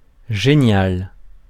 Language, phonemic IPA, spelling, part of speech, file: French, /ʒe.njal/, génial, adjective, Fr-génial.ogg
- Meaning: 1. ingenious, characteristic of a genius 2. great, fantastic, awesome